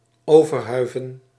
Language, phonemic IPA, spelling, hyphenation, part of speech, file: Dutch, /ˌoː.vərˈɦœy̯.və(n)/, overhuiven, over‧hui‧ven, verb, Nl-overhuiven.ogg
- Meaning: to create a canopy over